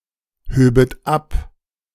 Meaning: second-person plural subjunctive II of abheben
- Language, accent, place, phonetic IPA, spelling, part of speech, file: German, Germany, Berlin, [ˌhøːbət ˈap], höbet ab, verb, De-höbet ab.ogg